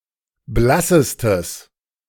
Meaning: strong/mixed nominative/accusative neuter singular superlative degree of blass
- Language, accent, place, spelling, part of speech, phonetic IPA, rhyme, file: German, Germany, Berlin, blassestes, adjective, [ˈblasəstəs], -asəstəs, De-blassestes.ogg